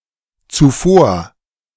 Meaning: before, previously
- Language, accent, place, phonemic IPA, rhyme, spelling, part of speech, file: German, Germany, Berlin, /t͡suˈfoːɐ̯/, -oːɐ̯, zuvor, adverb, De-zuvor.ogg